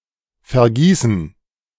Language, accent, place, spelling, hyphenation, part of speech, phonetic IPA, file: German, Germany, Berlin, vergießen, ver‧gie‧ßen, verb, [fɛɐ̯ˈɡiːsn̩], De-vergießen.ogg
- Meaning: 1. to shed (blood, sweat, tears) 2. to spill